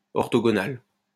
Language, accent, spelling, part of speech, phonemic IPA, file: French, France, orthogonal, adjective, /ɔʁ.to.ɡo.nal/, LL-Q150 (fra)-orthogonal.wav
- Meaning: orthogonal